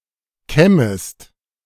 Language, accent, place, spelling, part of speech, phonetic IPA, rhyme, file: German, Germany, Berlin, kämmest, verb, [ˈkɛməst], -ɛməst, De-kämmest.ogg
- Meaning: second-person singular subjunctive I of kämmen